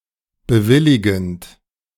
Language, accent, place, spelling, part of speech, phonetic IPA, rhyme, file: German, Germany, Berlin, bewilligend, verb, [bəˈvɪlɪɡn̩t], -ɪlɪɡn̩t, De-bewilligend.ogg
- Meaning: present participle of bewilligen